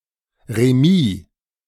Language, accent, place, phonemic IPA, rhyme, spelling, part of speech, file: German, Germany, Berlin, /reˈmiː/, -iː, remis, adverb, De-remis.ogg
- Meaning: in a draw; the result being a draw